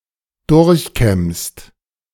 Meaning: second-person singular present of durchkämmen
- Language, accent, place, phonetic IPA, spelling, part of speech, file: German, Germany, Berlin, [ˈdʊʁçˌkɛmst], durchkämmst, verb, De-durchkämmst.ogg